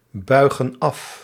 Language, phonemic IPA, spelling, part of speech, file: Dutch, /ˈbœyɣə(n) ˈɑf/, buigen af, verb, Nl-buigen af.ogg
- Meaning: inflection of afbuigen: 1. plural present indicative 2. plural present subjunctive